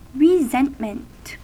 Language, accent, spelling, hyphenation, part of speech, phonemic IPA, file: English, US, resentment, re‧sent‧ment, noun, /ɹɪˈzɛnt.mənt/, En-us-resentment.ogg
- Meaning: Anger or displeasure stemming from belief that one or one's group has been wronged or betrayed by others; indignation